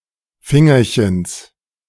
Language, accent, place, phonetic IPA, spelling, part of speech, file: German, Germany, Berlin, [ˈfɪŋɐçəns], Fingerchens, noun, De-Fingerchens.ogg
- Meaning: genitive of Fingerchen